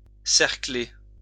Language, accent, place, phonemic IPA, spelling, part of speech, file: French, France, Lyon, /sɛʁ.kle/, cercler, verb, LL-Q150 (fra)-cercler.wav
- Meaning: to ring, hoop, encircle (with)